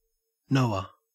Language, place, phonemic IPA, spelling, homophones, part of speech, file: English, Queensland, /ˈnəʉə/, Noah, NOAA, proper noun / noun, En-au-Noah.ogg
- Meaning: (proper noun) 1. A figure in Abrahamic religions, believed to have built an ark to save his family and members of each species of animal from the Great Flood 2. A male given name from Hebrew